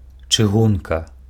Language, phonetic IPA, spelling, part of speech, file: Belarusian, [t͡ʂɨˈɣunka], чыгунка, noun, Be-чыгунка.ogg
- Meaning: railway, railroad